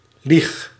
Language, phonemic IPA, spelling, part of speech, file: Dutch, /lix/, lieg, verb, Nl-lieg.ogg
- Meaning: inflection of liegen: 1. first-person singular present indicative 2. second-person singular present indicative 3. imperative